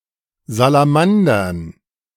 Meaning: dative plural of Salamander
- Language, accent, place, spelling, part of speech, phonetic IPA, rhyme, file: German, Germany, Berlin, Salamandern, noun, [zalaˈmandɐn], -andɐn, De-Salamandern.ogg